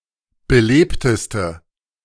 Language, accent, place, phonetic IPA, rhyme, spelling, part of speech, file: German, Germany, Berlin, [bəˈleːptəstə], -eːptəstə, belebteste, adjective, De-belebteste.ogg
- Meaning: inflection of belebt: 1. strong/mixed nominative/accusative feminine singular superlative degree 2. strong nominative/accusative plural superlative degree